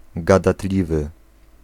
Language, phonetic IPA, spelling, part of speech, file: Polish, [ˌɡadaˈtlʲivɨ], gadatliwy, adjective, Pl-gadatliwy.ogg